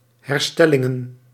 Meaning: plural of herstelling
- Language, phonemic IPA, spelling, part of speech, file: Dutch, /hɛrˈstɛlɪŋə(n)/, herstellingen, noun, Nl-herstellingen.ogg